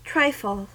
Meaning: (noun) 1. An English dessert made from a mixture of thick custard, fruit, sponge cake, jelly and whipped cream 2. Anything that is of little importance or worth
- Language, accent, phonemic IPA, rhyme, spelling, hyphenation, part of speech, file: English, US, /ˈtɹaɪfəl/, -aɪfəl, trifle, tri‧fle, noun / verb, En-us-trifle.ogg